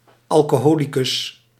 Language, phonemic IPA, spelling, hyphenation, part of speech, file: Dutch, /ˌɑl.koːˈɦoː.li.kʏs/, alcoholicus, al‧co‧ho‧li‧cus, noun, Nl-alcoholicus.ogg
- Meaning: alcoholic